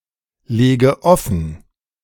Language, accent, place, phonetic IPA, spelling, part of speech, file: German, Germany, Berlin, [ˌleːɡə ˈɔfn̩], lege offen, verb, De-lege offen.ogg
- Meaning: inflection of offenlegen: 1. first-person singular present 2. first/third-person singular subjunctive I 3. singular imperative